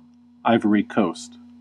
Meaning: A country in West Africa. Official names: Republic of Côte d'Ivoire and Côte d'Ivoire
- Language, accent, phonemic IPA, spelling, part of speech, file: English, US, /ˈaɪvəɹi ˈkoʊst/, Ivory Coast, proper noun, En-us-Ivory Coast.ogg